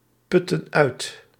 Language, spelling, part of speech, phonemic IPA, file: Dutch, putten uit, verb, /ˈpʏtə(n) ˈœyt/, Nl-putten uit.ogg
- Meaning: inflection of uitputten: 1. plural present/past indicative 2. plural present/past subjunctive